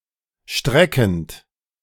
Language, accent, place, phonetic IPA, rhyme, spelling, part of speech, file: German, Germany, Berlin, [ˈʃtʁɛkn̩t], -ɛkn̩t, streckend, verb, De-streckend.ogg
- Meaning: present participle of strecken